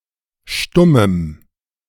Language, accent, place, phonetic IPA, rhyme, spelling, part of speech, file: German, Germany, Berlin, [ˈʃtʊməm], -ʊməm, stummem, adjective, De-stummem.ogg
- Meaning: strong dative masculine/neuter singular of stumm